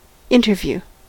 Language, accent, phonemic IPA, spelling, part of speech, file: English, US, /ˈɪn.(t)ɚ.vju/, interview, noun / verb, En-us-interview.ogg
- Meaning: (noun) 1. An official face-to-face meeting of monarchs or other important figures 2. Any face-to-face meeting, especially of an official or adversarial nature